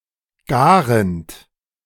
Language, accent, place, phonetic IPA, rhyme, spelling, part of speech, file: German, Germany, Berlin, [ˈɡaːʁənt], -aːʁənt, garend, verb, De-garend.ogg
- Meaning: present participle of garen